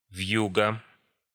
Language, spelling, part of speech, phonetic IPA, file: Russian, вьюга, noun, [ˈv⁽ʲ⁾juɡə], Ru-вьюга.ogg
- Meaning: blizzard, snowstorm